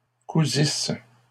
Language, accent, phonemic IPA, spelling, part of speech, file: French, Canada, /ku.zis/, cousisses, verb, LL-Q150 (fra)-cousisses.wav
- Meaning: second-person singular imperfect subjunctive of coudre